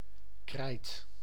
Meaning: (noun) 1. chalk 2. a piece of chalk (in the diminutive form) 3. battlefield, arena 4. region, area 5. enclosure, enclosed area
- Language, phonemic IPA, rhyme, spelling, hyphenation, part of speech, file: Dutch, /krɛi̯t/, -ɛi̯t, krijt, krijt, noun / verb, Nl-krijt.ogg